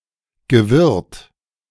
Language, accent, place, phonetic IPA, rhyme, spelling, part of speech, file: German, Germany, Berlin, [ɡəˈvɪʁt], -ɪʁt, gewirrt, verb, De-gewirrt.ogg
- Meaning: past participle of wirren